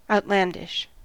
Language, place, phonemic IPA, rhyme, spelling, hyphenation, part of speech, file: English, California, /ˌaʊtˈlændɪʃ/, -ændɪʃ, outlandish, out‧land‧ish, adjective / noun, En-us-outlandish.ogg
- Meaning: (adjective) 1. Of or from a foreign country; not indigenous or native; alien, foreign 2. Appearing to be foreign; strange, unfamiliar